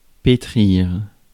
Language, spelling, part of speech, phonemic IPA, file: French, pétrir, verb, /pe.tʁiʁ/, Fr-pétrir.ogg
- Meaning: 1. to knead 2. to mould into shape